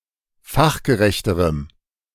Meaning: strong dative masculine/neuter singular comparative degree of fachgerecht
- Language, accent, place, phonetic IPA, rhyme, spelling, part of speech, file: German, Germany, Berlin, [ˈfaxɡəˌʁɛçtəʁəm], -axɡəʁɛçtəʁəm, fachgerechterem, adjective, De-fachgerechterem.ogg